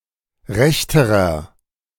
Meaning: inflection of recht: 1. strong/mixed nominative masculine singular comparative degree 2. strong genitive/dative feminine singular comparative degree 3. strong genitive plural comparative degree
- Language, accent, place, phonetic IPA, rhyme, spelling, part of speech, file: German, Germany, Berlin, [ˈʁɛçtəʁɐ], -ɛçtəʁɐ, rechterer, adjective, De-rechterer.ogg